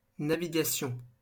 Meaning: navigation
- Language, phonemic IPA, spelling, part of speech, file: French, /na.vi.ɡa.sjɔ̃/, navigation, noun, LL-Q150 (fra)-navigation.wav